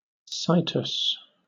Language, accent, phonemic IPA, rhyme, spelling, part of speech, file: English, Southern England, /ˈsaɪtəs/, -aɪtəs, situs, noun, LL-Q1860 (eng)-situs.wav
- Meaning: 1. The position, especially the usual, normal position, of a body part or part of a plant 2. The method in which the parts of a plant are arranged